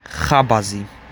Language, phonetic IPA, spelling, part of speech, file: Georgian, [χäbäzi], ხაბაზი, noun, ხაბაზი.ogg
- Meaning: baker